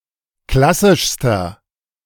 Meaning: inflection of klassisch: 1. strong/mixed nominative masculine singular superlative degree 2. strong genitive/dative feminine singular superlative degree 3. strong genitive plural superlative degree
- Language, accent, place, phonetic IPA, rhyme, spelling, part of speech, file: German, Germany, Berlin, [ˈklasɪʃstɐ], -asɪʃstɐ, klassischster, adjective, De-klassischster.ogg